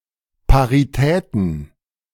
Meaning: plural of Parität
- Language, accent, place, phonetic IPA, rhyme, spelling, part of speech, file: German, Germany, Berlin, [paʁiˈtɛːtn̩], -ɛːtn̩, Paritäten, noun, De-Paritäten.ogg